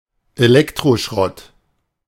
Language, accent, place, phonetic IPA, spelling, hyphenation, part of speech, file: German, Germany, Berlin, [eˈlɛktʀoˌʃʀɔt], Elektroschrott, Elek‧tro‧schrott, noun, De-Elektroschrott.ogg
- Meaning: electronic waste, e-waste